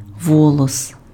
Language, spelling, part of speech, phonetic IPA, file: Ukrainian, волос, noun, [ˈwɔɫɔs], Uk-волос.ogg
- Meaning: a hair